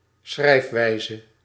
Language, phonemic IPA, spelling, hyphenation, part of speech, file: Dutch, /ˈsxrɛi̯fˌʋɛi̯.zə/, schrijfwijze, schrijf‧wij‧ze, noun, Nl-schrijfwijze.ogg
- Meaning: 1. spelling 2. writing style, way of writing